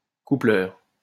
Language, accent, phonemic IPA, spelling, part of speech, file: French, France, /ku.plœʁ/, coupleur, noun, LL-Q150 (fra)-coupleur.wav
- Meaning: 1. coupler 2. linker